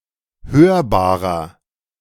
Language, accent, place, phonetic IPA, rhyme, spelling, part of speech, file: German, Germany, Berlin, [ˈhøːɐ̯baːʁɐ], -øːɐ̯baːʁɐ, hörbarer, adjective, De-hörbarer.ogg
- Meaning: 1. comparative degree of hörbar 2. inflection of hörbar: strong/mixed nominative masculine singular 3. inflection of hörbar: strong genitive/dative feminine singular